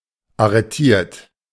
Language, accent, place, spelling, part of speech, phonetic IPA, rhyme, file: German, Germany, Berlin, arretiert, verb, [aʁəˈtiːɐ̯t], -iːɐ̯t, De-arretiert.ogg
- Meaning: 1. past participle of arretieren 2. inflection of arretieren: third-person singular present 3. inflection of arretieren: second-person plural present 4. inflection of arretieren: plural imperative